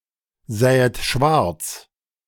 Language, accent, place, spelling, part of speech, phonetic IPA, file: German, Germany, Berlin, sähet schwarz, verb, [ˌzɛːət ˈʃvaʁt͡s], De-sähet schwarz.ogg
- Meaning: second-person plural subjunctive II of schwarzsehen